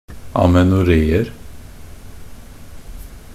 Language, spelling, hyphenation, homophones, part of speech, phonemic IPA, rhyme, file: Norwegian Bokmål, amenoréer, a‧me‧no‧ré‧er, amenoreer, noun, /amɛnʊˈreːər/, -ər, Nb-amenoréer.ogg
- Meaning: indefinite plural of amenoré